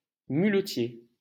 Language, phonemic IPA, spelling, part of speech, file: French, /my.lə.tje/, muletier, noun, LL-Q150 (fra)-muletier.wav
- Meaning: muleteer